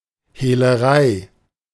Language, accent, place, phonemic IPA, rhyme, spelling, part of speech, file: German, Germany, Berlin, /ˌheːləˈʁaɪ̯/, -aɪ̯, Hehlerei, noun, De-Hehlerei.ogg
- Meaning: handling (criminal offence)